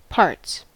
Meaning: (noun) 1. plural of part 2. Intellectual ability or learning 3. Vicinity, region 4. The genitals, short for private parts; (verb) third-person singular simple present indicative of part
- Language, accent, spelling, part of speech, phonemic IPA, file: English, US, parts, noun / verb, /pɑːɹts/, En-us-parts.ogg